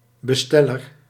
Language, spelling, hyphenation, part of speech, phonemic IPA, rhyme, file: Dutch, besteller, be‧stel‧ler, noun, /bəˈstɛ.lər/, -ɛlər, Nl-besteller.ogg
- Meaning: 1. a client who orders or has ordered something 2. a deliverer of orders